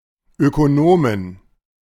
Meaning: inflection of Ökonom: 1. genitive/dative/accusative singular 2. plural
- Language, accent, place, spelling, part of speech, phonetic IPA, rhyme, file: German, Germany, Berlin, Ökonomen, noun, [ˌøkoˈnoːmən], -oːmən, De-Ökonomen.ogg